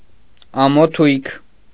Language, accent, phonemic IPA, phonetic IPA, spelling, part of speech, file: Armenian, Eastern Armenian, /ɑmoˈtʰujkʰ/, [ɑmotʰújkʰ], ամոթույք, noun, Hy-ամոթույք.ogg
- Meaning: vulva